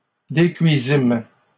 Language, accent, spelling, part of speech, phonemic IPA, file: French, Canada, décuisîmes, verb, /de.kɥi.zim/, LL-Q150 (fra)-décuisîmes.wav
- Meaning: first-person plural past historic of décuire